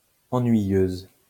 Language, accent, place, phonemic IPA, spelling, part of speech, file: French, France, Lyon, /ɑ̃.nɥi.jøz/, ennuyeuse, adjective, LL-Q150 (fra)-ennuyeuse.wav
- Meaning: feminine singular of ennuyeux